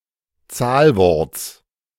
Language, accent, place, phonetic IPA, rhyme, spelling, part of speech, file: German, Germany, Berlin, [ˈt͡saːlˌvɔʁt͡s], -aːlvɔʁt͡s, Zahlworts, noun, De-Zahlworts.ogg
- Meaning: genitive singular of Zahlwort